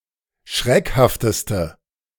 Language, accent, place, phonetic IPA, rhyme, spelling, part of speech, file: German, Germany, Berlin, [ˈʃʁɛkhaftəstə], -ɛkhaftəstə, schreckhafteste, adjective, De-schreckhafteste.ogg
- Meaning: inflection of schreckhaft: 1. strong/mixed nominative/accusative feminine singular superlative degree 2. strong nominative/accusative plural superlative degree